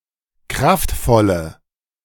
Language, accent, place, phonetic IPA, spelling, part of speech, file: German, Germany, Berlin, [ˈkʁaftˌfɔlə], kraftvolle, adjective, De-kraftvolle.ogg
- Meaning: inflection of kraftvoll: 1. strong/mixed nominative/accusative feminine singular 2. strong nominative/accusative plural 3. weak nominative all-gender singular